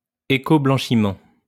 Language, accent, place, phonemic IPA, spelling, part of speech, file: French, France, Lyon, /e.kɔ.blɑ̃.ʃi.mɑ̃/, écoblanchiment, noun, LL-Q150 (fra)-écoblanchiment.wav
- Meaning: greenwashing